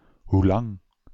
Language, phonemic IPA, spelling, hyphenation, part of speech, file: Dutch, /ɦuˈlɑŋ/, hoelang, hoe‧lang, adverb, Nl-hoelang.ogg
- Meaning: alternative form of hoe lang